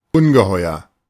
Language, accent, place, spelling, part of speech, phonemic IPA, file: German, Germany, Berlin, Ungeheuer, noun, /ˈʊnɡəˌhɔɪ̯ɐ/, De-Ungeheuer.ogg
- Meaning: 1. monster 2. monstrosity